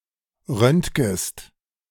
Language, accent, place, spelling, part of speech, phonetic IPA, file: German, Germany, Berlin, röntgest, verb, [ˈʁœntɡəst], De-röntgest.ogg
- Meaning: second-person singular subjunctive I of röntgen